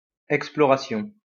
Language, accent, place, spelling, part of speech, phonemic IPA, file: French, France, Lyon, exploration, noun, /ɛk.splɔ.ʁa.sjɔ̃/, LL-Q150 (fra)-exploration.wav
- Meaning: exploration